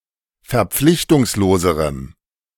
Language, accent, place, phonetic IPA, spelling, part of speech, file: German, Germany, Berlin, [fɛɐ̯ˈp͡flɪçtʊŋsloːzəʁəm], verpflichtungsloserem, adjective, De-verpflichtungsloserem.ogg
- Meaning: strong dative masculine/neuter singular comparative degree of verpflichtungslos